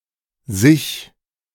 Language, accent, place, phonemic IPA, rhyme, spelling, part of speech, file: German, Germany, Berlin, /zɪç/, -ɪç, sich, pronoun, De-sich2.ogg
- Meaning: Reflexive pronoun of the third person singular or plural: herself, himself, itself, oneself, themselves (in both dative and accusative)